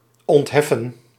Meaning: 1. to exonerate (free from an obligation, responsibility or task) 2. to absolve 3. to exempt or to make an exemption
- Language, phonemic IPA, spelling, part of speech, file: Dutch, /ˌɔntˈɦɛ.fə(n)/, ontheffen, verb, Nl-ontheffen.ogg